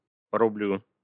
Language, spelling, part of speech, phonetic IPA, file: Russian, порублю, verb, [pərʊˈblʲu], Ru-порублю.ogg
- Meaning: first-person singular future indicative perfective of поруби́ть (porubítʹ)